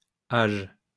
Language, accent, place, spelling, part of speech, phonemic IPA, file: French, France, Lyon, -age, suffix, /aʒ/, LL-Q150 (fra)--age.wav
- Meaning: 1. Forming nouns with the sense of "action or result of Xing" or, more rarely, "action related to X" 2. Forming nouns with the sense of "state of being (a) X" 3. Forming collective nouns